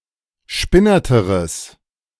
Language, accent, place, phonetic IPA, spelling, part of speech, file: German, Germany, Berlin, [ˈʃpɪnɐtəʁəs], spinnerteres, adjective, De-spinnerteres.ogg
- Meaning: strong/mixed nominative/accusative neuter singular comparative degree of spinnert